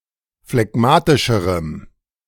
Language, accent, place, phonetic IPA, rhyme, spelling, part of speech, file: German, Germany, Berlin, [flɛˈɡmaːtɪʃəʁəm], -aːtɪʃəʁəm, phlegmatischerem, adjective, De-phlegmatischerem.ogg
- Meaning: strong dative masculine/neuter singular comparative degree of phlegmatisch